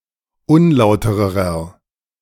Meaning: inflection of unlauter: 1. strong/mixed nominative masculine singular comparative degree 2. strong genitive/dative feminine singular comparative degree 3. strong genitive plural comparative degree
- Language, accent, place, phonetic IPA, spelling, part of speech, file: German, Germany, Berlin, [ˈʊnˌlaʊ̯təʁəʁɐ], unlautererer, adjective, De-unlautererer.ogg